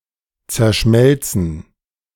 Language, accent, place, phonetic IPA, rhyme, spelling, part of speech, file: German, Germany, Berlin, [t͡sɛɐ̯ˈʃmɛlt͡sn̩], -ɛlt͡sn̩, zerschmelzen, verb, De-zerschmelzen.ogg
- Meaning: to fully melt